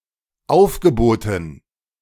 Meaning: dative plural of Aufgebot
- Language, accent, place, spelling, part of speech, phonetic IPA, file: German, Germany, Berlin, Aufgeboten, noun, [ˈaʊ̯fɡəˌboːtn̩], De-Aufgeboten.ogg